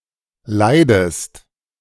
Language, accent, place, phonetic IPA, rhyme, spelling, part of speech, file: German, Germany, Berlin, [ˈlaɪ̯dəst], -aɪ̯dəst, leidest, verb, De-leidest.ogg
- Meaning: inflection of leiden: 1. second-person singular present 2. second-person singular subjunctive I